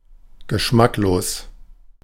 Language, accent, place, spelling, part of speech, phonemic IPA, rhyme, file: German, Germany, Berlin, geschmacklos, adjective, /ɡəˈʃmakloːs/, -oːs, De-geschmacklos.ogg
- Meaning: tasteless (all senses)